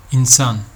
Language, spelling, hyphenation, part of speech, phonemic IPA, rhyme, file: Turkish, insan, in‧san, noun, /inˈsan/, -an, Tr tr insan.ogg
- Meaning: 1. human 2. a humane person